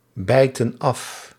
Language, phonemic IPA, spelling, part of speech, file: Dutch, /ˈbɛitə(n) ˈɑf/, bijten af, verb, Nl-bijten af.ogg
- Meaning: inflection of afbijten: 1. plural present indicative 2. plural present subjunctive